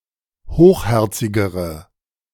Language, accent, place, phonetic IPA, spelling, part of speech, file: German, Germany, Berlin, [ˈhoːxˌhɛʁt͡sɪɡəʁə], hochherzigere, adjective, De-hochherzigere.ogg
- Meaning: inflection of hochherzig: 1. strong/mixed nominative/accusative feminine singular comparative degree 2. strong nominative/accusative plural comparative degree